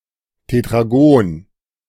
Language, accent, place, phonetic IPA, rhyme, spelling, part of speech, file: German, Germany, Berlin, [tetʁaˈɡoːn], -oːn, Tetragon, noun, De-Tetragon.ogg
- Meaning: tetragon, quadrilateral